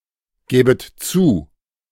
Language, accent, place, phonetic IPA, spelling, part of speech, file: German, Germany, Berlin, [ˌɡɛːbət ˈt͡suː], gäbet zu, verb, De-gäbet zu.ogg
- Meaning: second-person plural subjunctive II of zugeben